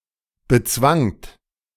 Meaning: second-person plural preterite of bezwingen
- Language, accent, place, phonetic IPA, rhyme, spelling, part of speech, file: German, Germany, Berlin, [bəˈt͡svaŋt], -aŋt, bezwangt, verb, De-bezwangt.ogg